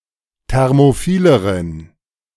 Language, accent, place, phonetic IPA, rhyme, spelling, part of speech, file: German, Germany, Berlin, [ˌtɛʁmoˈfiːləʁən], -iːləʁən, thermophileren, adjective, De-thermophileren.ogg
- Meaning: inflection of thermophil: 1. strong genitive masculine/neuter singular comparative degree 2. weak/mixed genitive/dative all-gender singular comparative degree